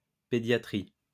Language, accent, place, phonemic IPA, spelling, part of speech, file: French, France, Lyon, /pe.dja.tʁi/, pédiatrie, noun, LL-Q150 (fra)-pédiatrie.wav
- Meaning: pediatrics